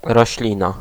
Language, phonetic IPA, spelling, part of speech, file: Polish, [rɔɕˈlʲĩna], roślina, noun, Pl-roślina.ogg